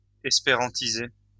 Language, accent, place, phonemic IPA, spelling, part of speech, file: French, France, Lyon, /ɛs.pe.ʁɑ̃.ti.ze/, espérantiser, verb, LL-Q150 (fra)-espérantiser.wav
- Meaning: to Esperantize